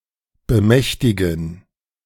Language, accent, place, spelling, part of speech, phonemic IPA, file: German, Germany, Berlin, bemächtigen, verb, /bəˈmɛçtɪɡən/, De-bemächtigen.ogg
- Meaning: to seize hold